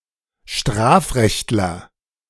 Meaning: criminal law expert
- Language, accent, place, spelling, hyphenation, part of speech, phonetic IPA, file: German, Germany, Berlin, Strafrechtler, Straf‧recht‧ler, noun, [ˈʃtʁaːfˌʁɛçtlɐ], De-Strafrechtler.ogg